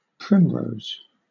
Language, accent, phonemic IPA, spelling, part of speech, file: English, Southern England, /ˈpɹɪm.ɹəʊz/, primrose, noun / adjective / verb, LL-Q1860 (eng)-primrose.wav
- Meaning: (noun) 1. A flowering plant of the genus Primula 2. A flowering plant of the genus Primula.: Specifically, the species Primula acaulis (syn. Primula vulgaris), also called common primrose